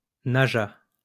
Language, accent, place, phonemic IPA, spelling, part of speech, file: French, France, Lyon, /na.ʒa/, naja, noun, LL-Q150 (fra)-naja.wav
- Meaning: cobra (venomous snake)